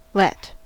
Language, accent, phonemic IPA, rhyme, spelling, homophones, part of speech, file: English, US, /lɛt/, -ɛt, let, Lett, verb / noun, En-us-let.ogg
- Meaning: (verb) 1. To allow to, not to prevent (+ infinitive, but usually without to) 2. To allow to be or do without interference; to not disturb or meddle with; to leave alone